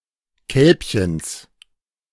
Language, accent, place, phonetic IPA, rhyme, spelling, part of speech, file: German, Germany, Berlin, [ˈkɛlpçəns], -ɛlpçəns, Kälbchens, noun, De-Kälbchens.ogg
- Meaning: genitive singular of Kälbchen